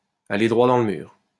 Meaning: to be riding for a fall, to be heading for disaster
- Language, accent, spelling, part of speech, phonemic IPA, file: French, France, aller droit dans le mur, verb, /a.le dʁwa dɑ̃ l(ə) myʁ/, LL-Q150 (fra)-aller droit dans le mur.wav